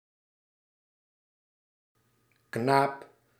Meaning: 1. boy, usually adolescent 2. any human male, regardless of age 3. a servant, helper 4. a big one, whopper, said of a creature or an object
- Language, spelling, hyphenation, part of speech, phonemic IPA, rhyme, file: Dutch, knaap, knaap, noun, /knaːp/, -aːp, Nl-knaap.ogg